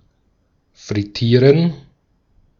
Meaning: to deep-fry
- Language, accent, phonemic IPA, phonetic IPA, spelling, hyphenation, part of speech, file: German, Austria, /fʁɪˈtiːʁən/, [fʁɪˈtʰiːɐ̯n], frittieren, frit‧tie‧ren, verb, De-at-frittieren.ogg